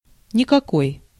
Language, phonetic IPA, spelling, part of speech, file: Russian, [nʲɪkɐˈkoj], никакой, pronoun / adjective, Ru-никакой.ogg
- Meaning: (pronoun) not any of possible variants, no, none; (in a negative context) whatever, whatsoever, absolutely; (adjective) out of it, senseless, e.g. very drunken or exhausted